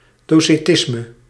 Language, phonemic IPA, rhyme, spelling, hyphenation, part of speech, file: Dutch, /ˌdoː.seːˈtɪs.mə/, -ɪsmə, docetisme, do‧ce‧tis‧me, noun, Nl-docetisme.ogg
- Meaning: docetism